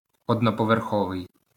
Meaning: single-storey
- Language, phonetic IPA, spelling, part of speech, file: Ukrainian, [ɔdnɔpɔʋerˈxɔʋei̯], одноповерховий, adjective, LL-Q8798 (ukr)-одноповерховий.wav